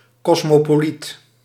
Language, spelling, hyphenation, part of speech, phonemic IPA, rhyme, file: Dutch, kosmopoliet, kos‧mo‧po‧liet, noun, /ˌkɔs.moː.poːˈlit/, -it, Nl-kosmopoliet.ogg
- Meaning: cosmopolite